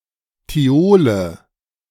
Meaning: nominative/accusative/genitive plural of Thiol
- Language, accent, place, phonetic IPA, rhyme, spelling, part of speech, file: German, Germany, Berlin, [tiˈoːlə], -oːlə, Thiole, noun, De-Thiole.ogg